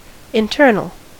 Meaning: 1. Of or situated on the inside 2. Of or situated on the inside.: Within the body 3. Of or situated on the inside.: Concerned with the domestic affairs of a nation, state or other political community
- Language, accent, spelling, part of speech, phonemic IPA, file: English, US, internal, adjective, /ɪnˈtɜɹ.nəl/, En-us-internal.ogg